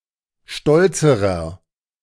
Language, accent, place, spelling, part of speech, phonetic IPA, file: German, Germany, Berlin, stolzerer, adjective, [ˈʃtɔlt͡səʁɐ], De-stolzerer.ogg
- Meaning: inflection of stolz: 1. strong/mixed nominative masculine singular comparative degree 2. strong genitive/dative feminine singular comparative degree 3. strong genitive plural comparative degree